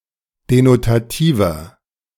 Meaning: inflection of denotativ: 1. strong/mixed nominative masculine singular 2. strong genitive/dative feminine singular 3. strong genitive plural
- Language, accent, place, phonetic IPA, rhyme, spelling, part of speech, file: German, Germany, Berlin, [denotaˈtiːvɐ], -iːvɐ, denotativer, adjective, De-denotativer.ogg